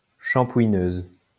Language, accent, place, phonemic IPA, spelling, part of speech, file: French, France, Lyon, /ʃɑ̃.pwi.nøz/, shampouineuse, noun, LL-Q150 (fra)-shampouineuse.wav
- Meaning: 1. shampooer (machine for shampooing carpets) 2. shampooer (person who shampoos hair in a hairdresser)